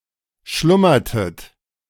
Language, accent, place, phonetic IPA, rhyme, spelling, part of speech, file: German, Germany, Berlin, [ˈʃlʊmɐtət], -ʊmɐtət, schlummertet, verb, De-schlummertet.ogg
- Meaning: inflection of schlummern: 1. second-person plural preterite 2. second-person plural subjunctive II